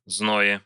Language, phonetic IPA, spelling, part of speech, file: Russian, [ˈznoje], зное, noun, Ru-зное.ogg
- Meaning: prepositional singular of зной (znoj)